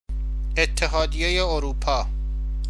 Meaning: European Union
- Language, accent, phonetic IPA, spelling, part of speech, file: Persian, Iran, [ʔet̪ʰ.t̪ʰe.ɦɒː.d̪i.je.je ʔo.ɹuː.pʰɒː], اتحادیه اروپا, proper noun, Fa-اتحادیه اروپا.ogg